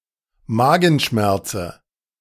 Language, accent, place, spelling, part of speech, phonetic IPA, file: German, Germany, Berlin, Magenschmerze, noun, [ˈmaːɡn̩ˌʃmɛʁt͡sə], De-Magenschmerze.ogg
- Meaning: dative singular of Magenschmerz